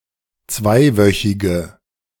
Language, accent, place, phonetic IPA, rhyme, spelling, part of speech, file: German, Germany, Berlin, [ˈt͡svaɪ̯ˌvœçɪɡə], -aɪ̯vœçɪɡə, zweiwöchige, adjective, De-zweiwöchige.ogg
- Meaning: inflection of zweiwöchig: 1. strong/mixed nominative/accusative feminine singular 2. strong nominative/accusative plural 3. weak nominative all-gender singular